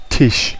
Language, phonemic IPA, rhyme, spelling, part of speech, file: German, /tɪʃ/, -ɪʃ, Tisch, noun, De-Tisch.ogg
- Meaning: table (a piece of furniture with a relatively deep surface at roughly waist or knee level); specific uses include: 1. dining table, dinner table 2. desk (table used for writing)